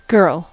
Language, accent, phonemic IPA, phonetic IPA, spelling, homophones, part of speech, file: English, US, /ˈɡɜɹl/, [ˈɡɝəɫ], girl, Guirl, noun / verb, En-us-girl.ogg
- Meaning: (noun) 1. A female child 2. A woman, especially a young and often attractive woman 3. A term of address to a female (see usage notes) 4. One's girlfriend 5. One's daughter 6. A female friend